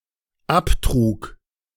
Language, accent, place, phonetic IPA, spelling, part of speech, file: German, Germany, Berlin, [ˈaptʁuːk], abtrug, verb, De-abtrug.ogg
- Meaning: first/third-person singular dependent preterite of abtragen